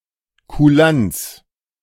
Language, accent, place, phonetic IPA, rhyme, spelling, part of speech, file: German, Germany, Berlin, [kuˈlants], -ants, Kulanz, noun, De-Kulanz.ogg
- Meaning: obligingness (giving rights or rendering services one is not obliged to offer)